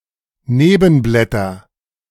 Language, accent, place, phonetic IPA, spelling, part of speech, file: German, Germany, Berlin, [ˈneːbənblɛtɐ], Nebenblätter, noun, De-Nebenblätter.ogg
- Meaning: nominative/accusative/genitive plural of Nebenblatt